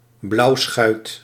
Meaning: 1. scurvy 2. varices
- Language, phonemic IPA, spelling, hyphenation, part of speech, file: Dutch, /ˈblɑu̯.sxœy̯t/, blauwschuit, blauw‧schuit, noun, Nl-blauwschuit.ogg